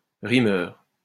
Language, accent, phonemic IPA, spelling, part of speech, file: French, France, /ʁi.mœʁ/, rimeur, noun, LL-Q150 (fra)-rimeur.wav
- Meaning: rhymester